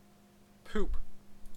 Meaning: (verb) 1. To make a short blast on a horn 2. To break wind 3. To defecate 4. To defecate.: To defecate in or on something 5. To defecate.: To defecate on one's person; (noun) Fecal matter; feces
- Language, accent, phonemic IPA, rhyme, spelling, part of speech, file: English, Canada, /ˈpuːp/, -uːp, poop, verb / noun / interjection, En-ca-poop.ogg